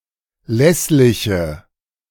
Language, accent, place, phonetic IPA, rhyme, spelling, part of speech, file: German, Germany, Berlin, [ˈlɛslɪçə], -ɛslɪçə, lässliche, adjective, De-lässliche.ogg
- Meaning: inflection of lässlich: 1. strong/mixed nominative/accusative feminine singular 2. strong nominative/accusative plural 3. weak nominative all-gender singular